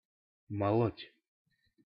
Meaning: 1. to grind, to mill (to make smaller by breaking with a device) 2. to talk nonsense, bang on about
- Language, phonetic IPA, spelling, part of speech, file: Russian, [mɐˈɫotʲ], молоть, verb, Ru-молоть.ogg